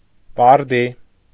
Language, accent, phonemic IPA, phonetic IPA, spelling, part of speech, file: Armenian, Eastern Armenian, /bɑɾˈdi/, [bɑɾdí], բարդի, noun, Hy-բարդի.ogg
- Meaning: Eastern Armenian form of բարտի (barti, “poplar”)